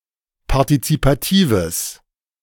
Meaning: strong/mixed nominative/accusative neuter singular of partizipativ
- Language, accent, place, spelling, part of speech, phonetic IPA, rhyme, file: German, Germany, Berlin, partizipatives, adjective, [paʁtit͡sipaˈtiːvəs], -iːvəs, De-partizipatives.ogg